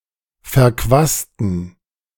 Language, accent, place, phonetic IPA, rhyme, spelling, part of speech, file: German, Germany, Berlin, [fɛɐ̯ˈkvaːstn̩], -aːstn̩, verquasten, adjective / verb, De-verquasten.ogg
- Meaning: inflection of verquast: 1. strong genitive masculine/neuter singular 2. weak/mixed genitive/dative all-gender singular 3. strong/weak/mixed accusative masculine singular 4. strong dative plural